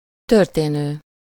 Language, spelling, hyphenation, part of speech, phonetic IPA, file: Hungarian, történő, tör‧té‧nő, verb, [ˈtørteːnøː], Hu-történő.ogg
- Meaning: 1. present participle of történik 2. synonym of való